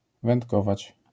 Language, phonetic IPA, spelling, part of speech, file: Polish, [vɛ̃ntˈkɔvat͡ɕ], wędkować, verb, LL-Q809 (pol)-wędkować.wav